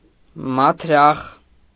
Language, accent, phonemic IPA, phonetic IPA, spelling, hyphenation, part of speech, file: Armenian, Eastern Armenian, /mɑtʰˈɾɑχ/, [mɑtʰɾɑ́χ], մաթրախ, մաթ‧րախ, noun, Hy-մաթրախ.ogg
- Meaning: synonym of մտրակ (mtrak)